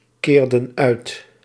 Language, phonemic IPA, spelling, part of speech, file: Dutch, /ˈkerdə(n) ˈœyt/, keerden uit, verb, Nl-keerden uit.ogg
- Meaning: inflection of uitkeren: 1. plural past indicative 2. plural past subjunctive